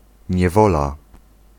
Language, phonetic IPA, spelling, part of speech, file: Polish, [ɲɛˈvɔla], niewola, noun, Pl-niewola.ogg